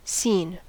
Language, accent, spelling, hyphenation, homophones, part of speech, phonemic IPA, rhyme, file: English, US, scene, scene, seen, noun / verb / interjection, /siːn/, -iːn, En-us-scene.ogg
- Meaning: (noun) 1. The location of an event that attracts attention 2. The stage 3. The decorations; furnishings, and backgrounds of a stage, representing the place in which the action of a play is set